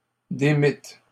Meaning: second-person plural past historic of démettre
- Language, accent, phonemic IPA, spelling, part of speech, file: French, Canada, /de.mit/, démîtes, verb, LL-Q150 (fra)-démîtes.wav